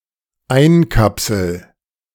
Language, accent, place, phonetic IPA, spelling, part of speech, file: German, Germany, Berlin, [ˈaɪ̯nˌkapsl̩], einkapsel, verb, De-einkapsel.ogg
- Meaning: first-person singular dependent present of einkapseln